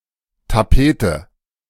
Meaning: wallpaper (paper-like covering applied to interior walls)
- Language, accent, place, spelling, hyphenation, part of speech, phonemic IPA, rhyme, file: German, Germany, Berlin, Tapete, Ta‧pe‧te, noun, /taˈpeːtə/, -eːtə, De-Tapete.ogg